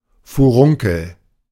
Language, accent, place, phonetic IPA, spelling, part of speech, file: German, Germany, Berlin, [fuˈʁʊŋkl̩], Furunkel, noun, De-Furunkel.ogg
- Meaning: boil, furuncle